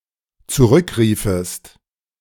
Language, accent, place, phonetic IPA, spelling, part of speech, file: German, Germany, Berlin, [t͡suˈʁʏkˌʁiːfəst], zurückriefest, verb, De-zurückriefest.ogg
- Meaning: second-person singular dependent subjunctive II of zurückrufen